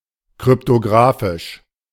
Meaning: cryptographic
- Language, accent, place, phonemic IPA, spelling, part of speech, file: German, Germany, Berlin, /kʁʏptoˈɡʁaːfɪʃ/, kryptographisch, adjective, De-kryptographisch.ogg